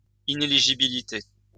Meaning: ineligibility
- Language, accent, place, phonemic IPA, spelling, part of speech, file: French, France, Lyon, /i.ne.li.ʒi.bi.li.te/, inéligibilité, noun, LL-Q150 (fra)-inéligibilité.wav